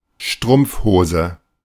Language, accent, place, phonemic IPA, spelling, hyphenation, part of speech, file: German, Germany, Berlin, /ˈʃtʁʊmpfˌhoːzə/, Strumpfhose, Strumpf‧ho‧se, noun, De-Strumpfhose.ogg
- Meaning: tights, pantyhose (US)